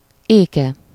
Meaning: third-person singular single-possession possessive of ék
- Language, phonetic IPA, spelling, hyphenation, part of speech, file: Hungarian, [ˈeːkɛ], éke, éke, noun, Hu-éke.ogg